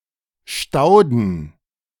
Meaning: plural of Staude
- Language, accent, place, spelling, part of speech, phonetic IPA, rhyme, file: German, Germany, Berlin, Stauden, noun, [ˈʃtaʊ̯dn̩], -aʊ̯dn̩, De-Stauden.ogg